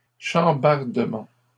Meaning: upheaval
- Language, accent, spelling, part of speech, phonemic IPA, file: French, Canada, chambardement, noun, /ʃɑ̃.baʁ.də.mɑ̃/, LL-Q150 (fra)-chambardement.wav